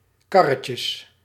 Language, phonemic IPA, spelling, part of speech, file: Dutch, /ˈkɑrəcəs/, karretjes, noun, Nl-karretjes.ogg
- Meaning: plural of karretje